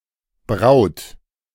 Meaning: inflection of brauen: 1. third-person singular present 2. second-person plural present 3. plural imperative
- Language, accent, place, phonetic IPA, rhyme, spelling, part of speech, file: German, Germany, Berlin, [bʁaʊ̯t], -aʊ̯t, braut, verb, De-braut.ogg